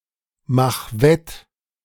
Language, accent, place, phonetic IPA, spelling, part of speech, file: German, Germany, Berlin, [ˌmax ˈvɛt], mach wett, verb, De-mach wett.ogg
- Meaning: 1. singular imperative of wettmachen 2. first-person singular present of wettmachen